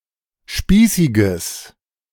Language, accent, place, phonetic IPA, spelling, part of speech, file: German, Germany, Berlin, [ˈʃpiːsɪɡəs], spießiges, adjective, De-spießiges.ogg
- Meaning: strong/mixed nominative/accusative neuter singular of spießig